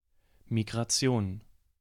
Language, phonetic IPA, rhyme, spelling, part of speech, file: German, [miɡʁaˈt͡si̯oːn], -oːn, Migration, noun, De-Migration.ogg
- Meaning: migration